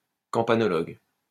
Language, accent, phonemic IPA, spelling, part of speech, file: French, France, /kɑ̃.pa.nɔ.lɔɡ/, campanologue, noun, LL-Q150 (fra)-campanologue.wav
- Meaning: campanologist